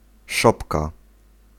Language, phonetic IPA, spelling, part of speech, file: Polish, [ˈʃɔpka], szopka, noun, Pl-szopka.ogg